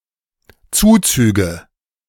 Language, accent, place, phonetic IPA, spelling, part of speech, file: German, Germany, Berlin, [ˈt͡suːt͡syːɡə], Zuzüge, noun, De-Zuzüge.ogg
- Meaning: nominative/accusative/genitive plural of Zuzug